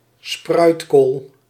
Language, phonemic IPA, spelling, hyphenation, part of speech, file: Dutch, /ˈsprœy̯t.koːl/, spruitkool, spruit‧kool, noun, Nl-spruitkool.ogg
- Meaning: 1. Brussels sprout(s) 2. a plant of the gemmifera group of Brassica oleracea varieties, that produces Brussels sprouts